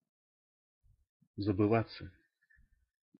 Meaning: 1. to doze, to drop off 2. to become oblivious, to lose contact with reality 3. to forget oneself, to cross the line of what is allowed or to lose control over oneself
- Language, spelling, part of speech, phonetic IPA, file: Russian, забываться, verb, [zəbɨˈvat͡sːə], Ru-забываться.ogg